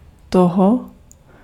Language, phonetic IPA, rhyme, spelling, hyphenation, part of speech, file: Czech, [ˈtoɦo], -oɦo, toho, to‧ho, pronoun, Cs-toho.ogg
- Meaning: inflection of ten: 1. masculine animate and inanimate genitive singular 2. neuter genitive singular 3. masculine animate accusative singular